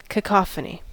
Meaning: A mix of discordant sounds; dissonance
- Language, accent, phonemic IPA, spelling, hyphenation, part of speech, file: English, US, /kəˈkɑfəni/, cacophony, ca‧coph‧o‧ny, noun, En-us-cacophony.ogg